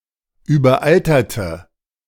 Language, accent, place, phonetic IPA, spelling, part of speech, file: German, Germany, Berlin, [yːbɐˈʔaltɐtə], überalterte, adjective / verb, De-überalterte.ogg
- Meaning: inflection of überaltert: 1. strong/mixed nominative/accusative feminine singular 2. strong nominative/accusative plural 3. weak nominative all-gender singular